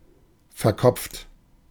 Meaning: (adjective) overly intellectual; heady; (verb) past participle of verkopfen (literally “to become all head”)
- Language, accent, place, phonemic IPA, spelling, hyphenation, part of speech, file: German, Germany, Berlin, /fɛɐ̯ˈkɔpft/, verkopft, ver‧kopft, adjective / verb, De-verkopft.ogg